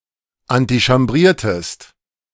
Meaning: inflection of antichambrieren: 1. second-person singular preterite 2. second-person singular subjunctive II
- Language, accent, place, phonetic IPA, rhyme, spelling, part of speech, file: German, Germany, Berlin, [antiʃamˈbʁiːɐ̯təst], -iːɐ̯təst, antichambriertest, verb, De-antichambriertest.ogg